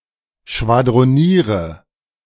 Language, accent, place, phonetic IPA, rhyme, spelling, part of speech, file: German, Germany, Berlin, [ʃvadʁoˈniːʁə], -iːʁə, schwadroniere, verb, De-schwadroniere.ogg
- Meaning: inflection of schwadronieren: 1. first-person singular present 2. first/third-person singular subjunctive I 3. singular imperative